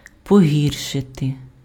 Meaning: to make worse, to worsen
- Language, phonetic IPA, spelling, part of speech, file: Ukrainian, [poˈɦʲirʃete], погіршити, verb, Uk-погіршити.ogg